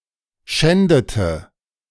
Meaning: inflection of schänden: 1. first/third-person singular preterite 2. first/third-person singular subjunctive II
- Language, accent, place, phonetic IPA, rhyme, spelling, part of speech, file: German, Germany, Berlin, [ˈʃɛndətə], -ɛndətə, schändete, verb, De-schändete.ogg